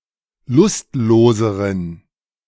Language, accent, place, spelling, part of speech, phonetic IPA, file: German, Germany, Berlin, lustloseren, adjective, [ˈlʊstˌloːzəʁən], De-lustloseren.ogg
- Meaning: inflection of lustlos: 1. strong genitive masculine/neuter singular comparative degree 2. weak/mixed genitive/dative all-gender singular comparative degree